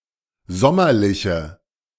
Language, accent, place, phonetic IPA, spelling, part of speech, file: German, Germany, Berlin, [ˈzɔmɐlɪçə], sommerliche, adjective, De-sommerliche.ogg
- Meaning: inflection of sommerlich: 1. strong/mixed nominative/accusative feminine singular 2. strong nominative/accusative plural 3. weak nominative all-gender singular